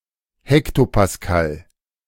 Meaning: hectopascal
- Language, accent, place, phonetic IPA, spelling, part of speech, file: German, Germany, Berlin, [ˈhɛktopasˌkal], Hektopascal, noun, De-Hektopascal.ogg